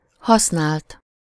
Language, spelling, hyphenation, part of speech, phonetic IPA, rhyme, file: Hungarian, használt, hasz‧nált, verb / adjective, [ˈhɒsnaːlt], -aːlt, Hu-használt.ogg
- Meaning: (verb) 1. third-person singular indicative past indefinite of használ 2. past participle of használ